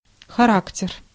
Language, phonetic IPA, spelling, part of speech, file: Russian, [xɐˈraktʲɪr], характер, noun, Ru-характер.ogg
- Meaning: 1. character, temper, disposition 2. type 3. nature 4. principles 5. strength of will